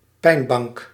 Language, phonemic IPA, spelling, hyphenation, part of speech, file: Dutch, /ˈpɛi̯n.bɑŋk/, pijnbank, pijn‧bank, noun, Nl-pijnbank.ogg
- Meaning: 1. rack (torturing device) 2. any difficult or painful experience or situation; any hostile treatment; the metaphorical location for such treatment or such an experience